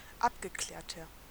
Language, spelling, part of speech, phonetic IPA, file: German, abgeklärter, adjective, [ˈapɡəˌklɛːɐ̯tɐ], De-abgeklärter.ogg
- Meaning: 1. comparative degree of abgeklärt 2. inflection of abgeklärt: strong/mixed nominative masculine singular 3. inflection of abgeklärt: strong genitive/dative feminine singular